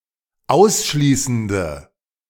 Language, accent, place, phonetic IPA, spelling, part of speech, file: German, Germany, Berlin, [ˈaʊ̯sˌʃliːsn̩də], ausschließende, adjective, De-ausschließende.ogg
- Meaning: inflection of ausschließend: 1. strong/mixed nominative/accusative feminine singular 2. strong nominative/accusative plural 3. weak nominative all-gender singular